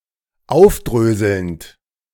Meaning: present participle of aufdröseln
- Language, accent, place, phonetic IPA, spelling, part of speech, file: German, Germany, Berlin, [ˈaʊ̯fˌdʁøːzl̩nt], aufdröselnd, verb, De-aufdröselnd.ogg